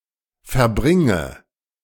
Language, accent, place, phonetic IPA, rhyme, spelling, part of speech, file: German, Germany, Berlin, [fɛɐ̯ˈbʁɪŋə], -ɪŋə, verbringe, verb, De-verbringe.ogg
- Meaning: inflection of verbringen: 1. first-person singular present 2. first/third-person singular subjunctive I 3. singular imperative